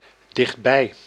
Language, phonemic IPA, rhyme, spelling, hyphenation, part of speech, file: Dutch, /dɪxtˈbɛi̯/, -ɛi̯, dichtbij, dicht‧bij, adjective, Nl-dichtbij.ogg
- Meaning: close, nearby